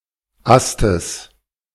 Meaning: genitive singular of Ast
- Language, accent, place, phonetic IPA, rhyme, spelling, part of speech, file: German, Germany, Berlin, [ˈastəs], -astəs, Astes, noun, De-Astes.ogg